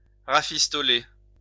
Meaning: to bodge, patch up
- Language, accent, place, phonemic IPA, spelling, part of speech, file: French, France, Lyon, /ʁa.fis.tɔ.le/, rafistoler, verb, LL-Q150 (fra)-rafistoler.wav